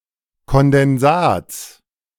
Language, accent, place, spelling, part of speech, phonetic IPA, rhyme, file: German, Germany, Berlin, Kondensats, noun, [kɔndɛnˈzaːt͡s], -aːt͡s, De-Kondensats.ogg
- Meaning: genitive singular of Kondensat